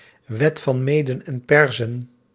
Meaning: iron law, irrevocable law (unchangeable, uncontestable principle)
- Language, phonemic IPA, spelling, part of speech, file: Dutch, /ˈʋɛt fɑn ˈmeː.də(n)ɛn ˈpɛr.zə(n)/, wet van Meden en Perzen, noun, Nl-wet van Meden en Perzen.ogg